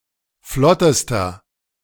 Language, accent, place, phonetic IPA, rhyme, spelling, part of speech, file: German, Germany, Berlin, [ˈflɔtəstɐ], -ɔtəstɐ, flottester, adjective, De-flottester.ogg
- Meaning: inflection of flott: 1. strong/mixed nominative masculine singular superlative degree 2. strong genitive/dative feminine singular superlative degree 3. strong genitive plural superlative degree